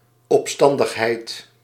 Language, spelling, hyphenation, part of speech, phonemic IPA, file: Dutch, opstandigheid, op‧stan‧dig‧heid, noun, /ˌɔpˈstɑn.dəx.ɦɛi̯t/, Nl-opstandigheid.ogg
- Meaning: rebelliousness